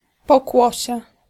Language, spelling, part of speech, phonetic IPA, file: Polish, pokłosie, noun, [pɔˈkwɔɕɛ], Pl-pokłosie.ogg